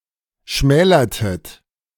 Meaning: inflection of schmälern: 1. second-person plural preterite 2. second-person plural subjunctive II
- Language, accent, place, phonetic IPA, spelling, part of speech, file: German, Germany, Berlin, [ˈʃmɛːlɐtət], schmälertet, verb, De-schmälertet.ogg